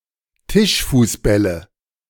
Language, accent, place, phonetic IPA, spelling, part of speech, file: German, Germany, Berlin, [ˈtɪʃfuːsˌbɛlə], Tischfußbälle, noun, De-Tischfußbälle.ogg
- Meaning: nominative/accusative/genitive plural of Tischfußball